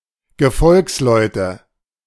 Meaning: nominative/accusative/genitive plural of Gefolgsmann
- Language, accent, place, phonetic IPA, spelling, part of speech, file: German, Germany, Berlin, [ɡəˈfɔlksˌlɔɪ̯tə], Gefolgsleute, noun, De-Gefolgsleute.ogg